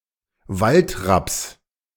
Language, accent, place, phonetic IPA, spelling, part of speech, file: German, Germany, Berlin, [ˈvaltʁaps], Waldrapps, noun, De-Waldrapps.ogg
- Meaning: genitive singular of Waldrapp